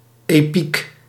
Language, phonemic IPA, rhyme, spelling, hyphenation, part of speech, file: Dutch, /eːˈpik/, -ik, epiek, epiek, noun, Nl-epiek.ogg
- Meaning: epic poetry